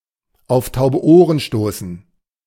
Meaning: to fall on deaf ears
- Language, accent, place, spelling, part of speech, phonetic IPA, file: German, Germany, Berlin, auf taube Ohren stoßen, verb, [ˌʔaʊ̯f ˌtaʊ̯bə ˈʔoːʁən ˌʃtoːsn̩], De-auf taube Ohren stoßen.ogg